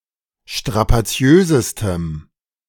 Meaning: strong dative masculine/neuter singular superlative degree of strapaziös
- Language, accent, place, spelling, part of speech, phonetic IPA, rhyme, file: German, Germany, Berlin, strapaziösestem, adjective, [ʃtʁapaˈt͡si̯øːzəstəm], -øːzəstəm, De-strapaziösestem.ogg